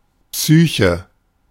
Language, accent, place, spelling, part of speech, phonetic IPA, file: German, Germany, Berlin, Psyche, noun / proper noun, [ˈpsyːçə], De-Psyche.ogg
- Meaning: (noun) psyche, mind; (proper noun) Psyche (personification of the soul)